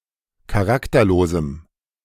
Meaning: strong dative masculine/neuter singular of charakterlos
- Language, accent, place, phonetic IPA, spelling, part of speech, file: German, Germany, Berlin, [kaˈʁaktɐˌloːzm̩], charakterlosem, adjective, De-charakterlosem.ogg